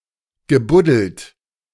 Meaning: past participle of buddeln
- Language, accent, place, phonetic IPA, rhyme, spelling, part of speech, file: German, Germany, Berlin, [ɡəˈbʊdl̩t], -ʊdl̩t, gebuddelt, verb, De-gebuddelt.ogg